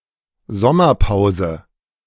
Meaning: summer break (especially such a parliamentary recess)
- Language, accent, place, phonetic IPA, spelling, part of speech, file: German, Germany, Berlin, [ˈzɔmɐˌpaʊ̯zə], Sommerpause, noun, De-Sommerpause.ogg